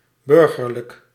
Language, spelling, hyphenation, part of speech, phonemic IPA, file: Dutch, burgerlijk, bur‧ger‧lijk, adjective, /ˈbʏr.ɣər.lək/, Nl-burgerlijk.ogg
- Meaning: 1. civil, civic 2. bourgeois 3. untitled (not of noble descent) 4. dull, unfashionable and narrow-minded in a characteristically middle-class way